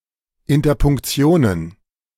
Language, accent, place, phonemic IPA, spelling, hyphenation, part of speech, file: German, Germany, Berlin, /ɪntɐpʊŋkˈt͡si̯oːnən/, Interpunktionen, In‧ter‧punk‧ti‧o‧nen, noun, De-Interpunktionen.ogg
- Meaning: plural of Interpunktion